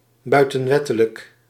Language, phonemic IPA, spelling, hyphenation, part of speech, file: Dutch, /ˌbœy̯.tə(n)ˈʋɛ.tə.lək/, buitenwettelijk, bui‧ten‧wet‧te‧lijk, adjective, Nl-buitenwettelijk.ogg
- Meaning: extralegal